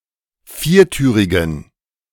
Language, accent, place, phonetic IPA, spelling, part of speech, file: German, Germany, Berlin, [ˈfiːɐ̯ˌtyːʁɪɡn̩], viertürigen, adjective, De-viertürigen.ogg
- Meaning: inflection of viertürig: 1. strong genitive masculine/neuter singular 2. weak/mixed genitive/dative all-gender singular 3. strong/weak/mixed accusative masculine singular 4. strong dative plural